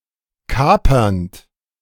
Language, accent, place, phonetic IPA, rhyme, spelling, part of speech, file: German, Germany, Berlin, [ˈkaːpɐnt], -aːpɐnt, kapernd, verb, De-kapernd.ogg
- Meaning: present participle of kapern